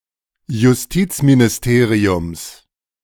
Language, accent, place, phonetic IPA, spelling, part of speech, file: German, Germany, Berlin, [jʊsˈtiːt͡sminɪsˌteːʁiʊms], Justizministeriums, noun, De-Justizministeriums.ogg
- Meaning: genitive of Justizministerium